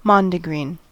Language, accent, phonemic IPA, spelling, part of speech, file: English, US, /ˈmɑndəɡɹiːn/, mondegreen, noun, En-us-mondegreen.ogg
- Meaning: A form of (possibly intentional) error arising from mishearing a spoken or sung phrase, possibly in a different language